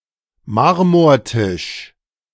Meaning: marble table
- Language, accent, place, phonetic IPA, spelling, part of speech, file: German, Germany, Berlin, [ˈmaʁmoːɐ̯ˌtɪʃ], Marmortisch, noun, De-Marmortisch.ogg